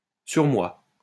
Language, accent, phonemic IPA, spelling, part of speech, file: French, France, /syʁ.mwa/, surmoi, noun, LL-Q150 (fra)-surmoi.wav
- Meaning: superego